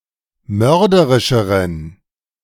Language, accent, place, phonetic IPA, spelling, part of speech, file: German, Germany, Berlin, [ˈmœʁdəʁɪʃəʁən], mörderischeren, adjective, De-mörderischeren.ogg
- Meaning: inflection of mörderisch: 1. strong genitive masculine/neuter singular comparative degree 2. weak/mixed genitive/dative all-gender singular comparative degree